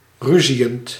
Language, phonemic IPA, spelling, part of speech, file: Dutch, /ˈryzijənt/, ruziënd, verb, Nl-ruziënd.ogg
- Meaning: present participle of ruziën